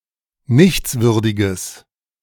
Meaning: strong/mixed nominative/accusative neuter singular of nichtswürdig
- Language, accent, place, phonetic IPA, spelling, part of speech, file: German, Germany, Berlin, [ˈnɪçt͡sˌvʏʁdɪɡəs], nichtswürdiges, adjective, De-nichtswürdiges.ogg